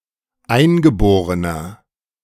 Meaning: inflection of eingeboren: 1. strong/mixed nominative masculine singular 2. strong genitive/dative feminine singular 3. strong genitive plural
- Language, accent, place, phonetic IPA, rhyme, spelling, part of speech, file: German, Germany, Berlin, [ˈaɪ̯nɡəˌboːʁənɐ], -aɪ̯nɡəboːʁənɐ, eingeborener, adjective, De-eingeborener.ogg